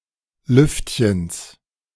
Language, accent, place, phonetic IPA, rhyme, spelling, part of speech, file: German, Germany, Berlin, [ˈlʏftçəns], -ʏftçəns, Lüftchens, noun, De-Lüftchens.ogg
- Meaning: genitive singular of Lüftchen